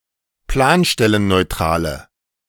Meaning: inflection of planstellenneutral: 1. strong/mixed nominative/accusative feminine singular 2. strong nominative/accusative plural 3. weak nominative all-gender singular
- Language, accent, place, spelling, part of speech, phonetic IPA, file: German, Germany, Berlin, planstellenneutrale, adjective, [ˈplaːnʃtɛlənnɔɪ̯ˌtʁaːlə], De-planstellenneutrale.ogg